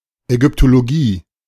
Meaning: Egyptology
- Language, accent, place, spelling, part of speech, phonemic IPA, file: German, Germany, Berlin, Ägyptologie, noun, /ɛˌɡʏptoloˈɡiː/, De-Ägyptologie.ogg